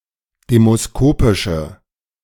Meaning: inflection of demoskopisch: 1. strong/mixed nominative/accusative feminine singular 2. strong nominative/accusative plural 3. weak nominative all-gender singular
- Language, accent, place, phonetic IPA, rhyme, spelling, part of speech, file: German, Germany, Berlin, [ˌdeːmosˈkoːpɪʃə], -oːpɪʃə, demoskopische, adjective, De-demoskopische.ogg